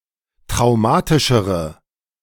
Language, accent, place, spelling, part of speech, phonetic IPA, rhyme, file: German, Germany, Berlin, traumatischere, adjective, [tʁaʊ̯ˈmaːtɪʃəʁə], -aːtɪʃəʁə, De-traumatischere.ogg
- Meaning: inflection of traumatisch: 1. strong/mixed nominative/accusative feminine singular comparative degree 2. strong nominative/accusative plural comparative degree